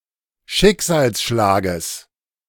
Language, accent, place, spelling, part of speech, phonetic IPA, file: German, Germany, Berlin, Schicksalsschlages, noun, [ˈʃɪkzaːlsˌʃlaːɡəs], De-Schicksalsschlages.ogg
- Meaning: genitive singular of Schicksalsschlag